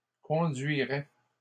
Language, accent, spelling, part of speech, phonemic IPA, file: French, Canada, conduiraient, verb, /kɔ̃.dɥi.ʁɛ/, LL-Q150 (fra)-conduiraient.wav
- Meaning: third-person plural conditional of conduire